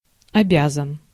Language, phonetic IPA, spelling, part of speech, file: Russian, [ɐˈbʲazən], обязан, adjective, Ru-обязан.ogg
- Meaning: short masculine singular of обя́занный (objázannyj)